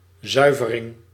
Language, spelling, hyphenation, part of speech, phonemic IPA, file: Dutch, zuivering, zui‧ve‧ring, noun, /ˈzœy̯.vəˌrɪŋ/, Nl-zuivering.ogg
- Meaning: purification, cleansing